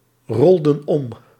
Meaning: inflection of oprollen: 1. plural past indicative 2. plural past subjunctive
- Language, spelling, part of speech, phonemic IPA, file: Dutch, rolden op, verb, /ˈrɔldə(n) ˈɔp/, Nl-rolden op.ogg